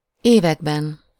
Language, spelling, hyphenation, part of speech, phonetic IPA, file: Hungarian, években, évek‧ben, noun, [ˈeːvɛɡbɛn], Hu-években.ogg
- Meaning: inessive plural of év